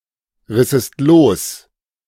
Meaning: second-person singular subjunctive II of losreißen
- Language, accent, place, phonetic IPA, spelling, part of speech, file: German, Germany, Berlin, [ˌʁɪsəst ˈloːs], rissest los, verb, De-rissest los.ogg